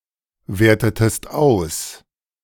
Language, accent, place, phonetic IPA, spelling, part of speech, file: German, Germany, Berlin, [ˌveːɐ̯tətəst ˈaʊ̯s], wertetest aus, verb, De-wertetest aus.ogg
- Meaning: inflection of auswerten: 1. second-person singular preterite 2. second-person singular subjunctive II